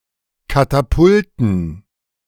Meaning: dative plural of Katapult
- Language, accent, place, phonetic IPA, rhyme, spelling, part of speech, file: German, Germany, Berlin, [ˌkataˈpʊltn̩], -ʊltn̩, Katapulten, noun, De-Katapulten.ogg